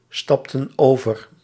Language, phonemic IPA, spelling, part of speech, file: Dutch, /ˈstɑptə(n) ˈovər/, stapten over, verb, Nl-stapten over.ogg
- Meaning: inflection of overstappen: 1. plural past indicative 2. plural past subjunctive